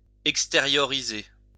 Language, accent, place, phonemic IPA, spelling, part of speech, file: French, France, Lyon, /ɛk.ste.ʁjɔ.ʁi.ze/, extérioriser, verb, LL-Q150 (fra)-extérioriser.wav
- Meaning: 1. to exteriorize 2. to show, express, display